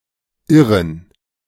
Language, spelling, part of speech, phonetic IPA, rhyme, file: German, Irren, noun, [ˈɪʁən], -ɪʁən, De-Irren.ogg